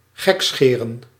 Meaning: 1. to jest, poke fun 2. to make fun, do something silly
- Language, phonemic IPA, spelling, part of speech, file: Dutch, /ˈɣɛksxeːrə(n)/, gekscheren, verb, Nl-gekscheren.ogg